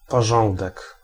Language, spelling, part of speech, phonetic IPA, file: Polish, porządek, noun, [pɔˈʒɔ̃ndɛk], Pl-porządek.ogg